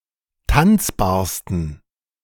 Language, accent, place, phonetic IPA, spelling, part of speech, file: German, Germany, Berlin, [ˈtant͡sbaːɐ̯stn̩], tanzbarsten, adjective, De-tanzbarsten.ogg
- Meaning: 1. superlative degree of tanzbar 2. inflection of tanzbar: strong genitive masculine/neuter singular superlative degree